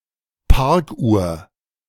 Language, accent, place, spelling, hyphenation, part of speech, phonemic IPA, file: German, Germany, Berlin, Parkuhr, Park‧uhr, noun, /ˈpaʁkˌʔuːɐ̯/, De-Parkuhr.ogg
- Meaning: parking meter